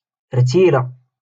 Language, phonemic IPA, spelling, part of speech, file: Moroccan Arabic, /rtiː.la/, رتيلة, noun, LL-Q56426 (ary)-رتيلة.wav
- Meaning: spider